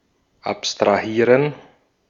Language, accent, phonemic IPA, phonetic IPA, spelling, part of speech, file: German, Austria, /apstʁaˈhiːʁən/, [ʔapstʁaˈhiːɐ̯n], abstrahieren, verb, De-at-abstrahieren.ogg
- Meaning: to abstract (to consider abstractly)